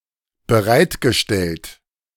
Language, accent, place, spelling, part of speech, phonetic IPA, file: German, Germany, Berlin, bereitgestellt, verb, [bəˈʁaɪ̯tɡəˌʃtɛlt], De-bereitgestellt.ogg
- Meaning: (verb) past participle of bereitstellen; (adjective) 1. provided 2. earmarked 3. appropriated